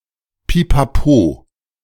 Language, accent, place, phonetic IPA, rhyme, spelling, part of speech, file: German, Germany, Berlin, [pipaˈpoː], -oː, Pipapo, noun, De-Pipapo.ogg
- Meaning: stuff